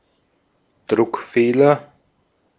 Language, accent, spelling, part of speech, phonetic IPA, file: German, Austria, Druckfehler, noun, [ˈdʁʊkˌfeːlɐ], De-at-Druckfehler.ogg
- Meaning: misprint